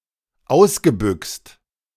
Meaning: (verb) past participle of ausbüxen; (adjective) runaway
- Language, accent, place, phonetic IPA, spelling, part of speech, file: German, Germany, Berlin, [ˈaʊ̯sɡəˌbʏkst], ausgebüxt, verb, De-ausgebüxt.ogg